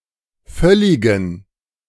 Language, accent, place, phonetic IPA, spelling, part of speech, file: German, Germany, Berlin, [ˈfœlɪɡn̩], völligen, adjective, De-völligen.ogg
- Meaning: inflection of völlig: 1. strong genitive masculine/neuter singular 2. weak/mixed genitive/dative all-gender singular 3. strong/weak/mixed accusative masculine singular 4. strong dative plural